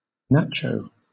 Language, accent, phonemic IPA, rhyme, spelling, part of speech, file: English, Southern England, /ˈnæt͡ʃəʊ/, -ætʃəʊ, nacho, noun, LL-Q1860 (eng)-nacho.wav
- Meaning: A single tortilla chip from a dish of nachos